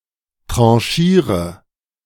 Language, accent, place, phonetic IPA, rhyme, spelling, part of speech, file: German, Germany, Berlin, [ˌtʁɑ̃ˈʃiːʁə], -iːʁə, tranchiere, verb, De-tranchiere.ogg
- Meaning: inflection of tranchieren: 1. first-person singular present 2. singular imperative 3. first/third-person singular subjunctive I